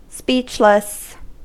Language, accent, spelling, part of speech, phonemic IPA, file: English, US, speechless, adjective, /ˈspiːt͡ʃ.lɪs/, En-us-speechless.ogg
- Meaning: 1. Not speaking; not knowing what to say; silent, especially due to surprise, amazement, etc.; wordless 2. Synonym of unspeakable